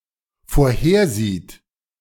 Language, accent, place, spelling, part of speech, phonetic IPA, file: German, Germany, Berlin, vorhersieht, verb, [foːɐ̯ˈheːɐ̯ˌziːt], De-vorhersieht.ogg
- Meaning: third-person singular dependent present of vorhersehen